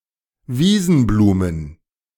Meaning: plural of Wiesenblume
- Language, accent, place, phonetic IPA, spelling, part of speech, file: German, Germany, Berlin, [ˈviːzn̩ˌbluːmən], Wiesenblumen, noun, De-Wiesenblumen.ogg